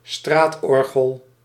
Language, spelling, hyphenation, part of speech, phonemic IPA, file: Dutch, straatorgel, straat‧or‧gel, noun, /ˈstraːtˌɔr.ɣəl/, Nl-straatorgel.ogg
- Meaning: street organ (musical instrument)